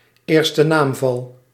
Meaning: nominative case
- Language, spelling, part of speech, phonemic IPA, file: Dutch, eerste naamval, noun, /ˌeːr.stə ˈnaːm.vɑl/, Nl-eerste naamval.ogg